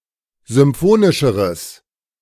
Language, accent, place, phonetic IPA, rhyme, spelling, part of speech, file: German, Germany, Berlin, [zʏmˈfoːnɪʃəʁəs], -oːnɪʃəʁəs, symphonischeres, adjective, De-symphonischeres.ogg
- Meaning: strong/mixed nominative/accusative neuter singular comparative degree of symphonisch